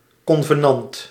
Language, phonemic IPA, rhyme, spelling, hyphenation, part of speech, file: Dutch, /ˌkɔn.vəˈnɑnt/, -ɑnt, convenant, con‧ve‧nant, noun, Nl-convenant.ogg
- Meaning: agreement, accord (now especially in economic contexts)